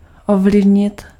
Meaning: to influence
- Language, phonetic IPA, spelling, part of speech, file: Czech, [ˈovlɪvɲɪt], ovlivnit, verb, Cs-ovlivnit.ogg